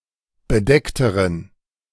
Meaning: inflection of bedeckt: 1. strong genitive masculine/neuter singular comparative degree 2. weak/mixed genitive/dative all-gender singular comparative degree
- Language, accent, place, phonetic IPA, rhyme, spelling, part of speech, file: German, Germany, Berlin, [bəˈdɛktəʁən], -ɛktəʁən, bedeckteren, adjective, De-bedeckteren.ogg